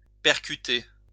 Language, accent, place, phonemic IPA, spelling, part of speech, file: French, France, Lyon, /pɛʁ.ky.te/, percuter, verb, LL-Q150 (fra)-percuter.wav
- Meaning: to hit; to crash into